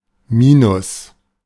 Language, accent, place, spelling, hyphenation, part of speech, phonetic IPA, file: German, Germany, Berlin, minus, mi‧nus, adverb, [ˈmiːnʊs], De-minus.ogg
- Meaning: 1. minus, less 2. minus (UK), negative (US) 3. minus (US) (slightly less good than a given grade)